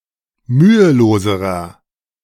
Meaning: inflection of mühelos: 1. strong/mixed nominative masculine singular comparative degree 2. strong genitive/dative feminine singular comparative degree 3. strong genitive plural comparative degree
- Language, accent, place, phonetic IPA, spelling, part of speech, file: German, Germany, Berlin, [ˈmyːəˌloːzəʁɐ], müheloserer, adjective, De-müheloserer.ogg